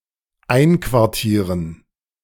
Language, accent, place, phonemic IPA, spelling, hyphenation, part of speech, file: German, Germany, Berlin, /ˈaɪ̯nkvaʁˌtiːʁən/, einquartieren, ein‧quar‧tie‧ren, verb, De-einquartieren.ogg
- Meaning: to quarter